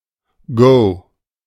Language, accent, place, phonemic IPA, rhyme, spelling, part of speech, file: German, Germany, Berlin, /ɡoː/, -oː, Go, noun, De-Go.ogg
- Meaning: go (board game)